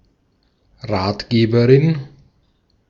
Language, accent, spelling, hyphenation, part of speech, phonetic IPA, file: German, Austria, Ratgeberin, Rat‧ge‧be‧rin, noun, [ˈʁaːtˌɡeːbəʁɪn], De-at-Ratgeberin.ogg
- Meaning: female equivalent of Ratgeber